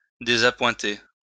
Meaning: 1. to dismiss 2. to disappoint
- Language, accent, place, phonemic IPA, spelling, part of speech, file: French, France, Lyon, /de.za.pwɛ̃.te/, désappointer, verb, LL-Q150 (fra)-désappointer.wav